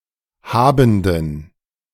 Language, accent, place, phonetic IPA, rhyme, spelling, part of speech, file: German, Germany, Berlin, [ˈhaːbn̩dən], -aːbn̩dən, habenden, adjective, De-habenden.ogg
- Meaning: inflection of habend: 1. strong genitive masculine/neuter singular 2. weak/mixed genitive/dative all-gender singular 3. strong/weak/mixed accusative masculine singular 4. strong dative plural